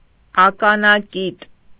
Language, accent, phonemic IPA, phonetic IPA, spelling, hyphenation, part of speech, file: Armenian, Eastern Armenian, /ɑkɑnɑˈkit/, [ɑkɑnɑkít], ականակիտ, ա‧կա‧նա‧կիտ, adjective, Hy-ականակիտ.ogg
- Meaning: clear, limpid